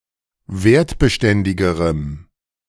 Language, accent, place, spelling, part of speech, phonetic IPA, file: German, Germany, Berlin, wertbeständigerem, adjective, [ˈveːɐ̯tbəˌʃtɛndɪɡəʁəm], De-wertbeständigerem.ogg
- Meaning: strong dative masculine/neuter singular comparative degree of wertbeständig